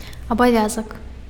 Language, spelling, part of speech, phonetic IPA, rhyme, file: Belarusian, абавязак, noun, [abaˈvʲazak], -azak, Be-абавязак.ogg
- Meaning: duty, responsibility, obligation